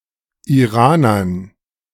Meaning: dative plural of Iraner
- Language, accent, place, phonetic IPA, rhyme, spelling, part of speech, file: German, Germany, Berlin, [iˈʁaːnɐn], -aːnɐn, Iranern, noun, De-Iranern.ogg